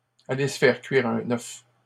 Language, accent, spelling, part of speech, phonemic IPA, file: French, Canada, aller se faire cuire un œuf, verb, /a.le s(ə) fɛʁ kɥi.ʁ‿œ̃.n‿œf/, LL-Q150 (fra)-aller se faire cuire un œuf.wav
- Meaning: to get lost, go to hell